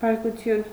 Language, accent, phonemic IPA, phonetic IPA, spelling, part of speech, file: Armenian, Eastern Armenian, /bɑɾkuˈtʰjun/, [bɑɾkut͡sʰjún], բարկություն, noun, Hy-բարկություն.ogg
- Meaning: anger, wrath